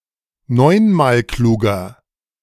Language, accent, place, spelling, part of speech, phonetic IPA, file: German, Germany, Berlin, neunmalkluger, adjective, [ˈnɔɪ̯nmaːlˌkluːɡɐ], De-neunmalkluger.ogg
- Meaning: inflection of neunmalklug: 1. strong/mixed nominative masculine singular 2. strong genitive/dative feminine singular 3. strong genitive plural